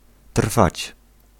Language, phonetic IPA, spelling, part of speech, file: Polish, [tr̥fat͡ɕ], trwać, verb, Pl-trwać.ogg